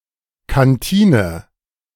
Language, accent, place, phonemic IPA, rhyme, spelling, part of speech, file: German, Germany, Berlin, /kanˈtiːnə/, -iːnə, Kantine, noun, De-Kantine.ogg
- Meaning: canteen